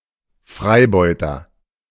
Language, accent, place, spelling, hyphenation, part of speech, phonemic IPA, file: German, Germany, Berlin, Freibeuter, Frei‧beu‧ter, noun, /ˈfʁaɪ̯ˌbɔʏ̯tɐ/, De-Freibeuter.ogg
- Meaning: pirate (male or of unspecified gender)